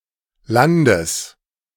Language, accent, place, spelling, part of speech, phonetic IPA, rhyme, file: German, Germany, Berlin, Landes, noun, [ˈlandəs], -andəs, De-Landes.ogg
- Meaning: genitive singular of Land